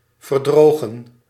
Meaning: to wither, to dry out
- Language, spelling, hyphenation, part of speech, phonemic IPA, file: Dutch, verdrogen, ver‧dro‧gen, verb, /vərˈdroː.ɣə(n)/, Nl-verdrogen.ogg